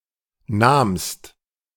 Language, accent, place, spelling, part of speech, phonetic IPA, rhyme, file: German, Germany, Berlin, nahmst, verb, [naːmst], -aːmst, De-nahmst.ogg
- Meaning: second-person singular preterite of nehmen